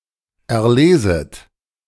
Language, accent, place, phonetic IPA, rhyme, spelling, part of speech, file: German, Germany, Berlin, [ɛɐ̯ˈleːzət], -eːzət, erleset, verb, De-erleset.ogg
- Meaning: second-person plural subjunctive I of erlesen